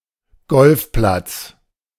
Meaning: golf course
- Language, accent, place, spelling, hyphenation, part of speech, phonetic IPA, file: German, Germany, Berlin, Golfplatz, Golf‧platz, noun, [ˈɡɔlfˌplat͡s], De-Golfplatz.ogg